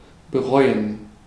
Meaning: to regret, to rue
- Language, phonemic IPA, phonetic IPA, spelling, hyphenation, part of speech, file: German, /bəˈʁɔʏ̯ən/, [bəˈʁɔʏ̯n], bereuen, be‧reu‧en, verb, De-bereuen.ogg